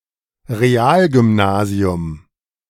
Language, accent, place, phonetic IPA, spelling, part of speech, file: German, Germany, Berlin, [ʁeˈaːlɡʏmˌnaːzi̯ʊm], Realgymnasium, noun, De-Realgymnasium.ogg
- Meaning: A real school: a secondary school with a focus on modern science and languages rather than literature, Greek, and Latin